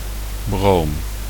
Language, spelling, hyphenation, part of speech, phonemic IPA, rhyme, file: Dutch, broom, broom, noun, /broːm/, -oːm, Nl-broom.ogg
- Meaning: bromine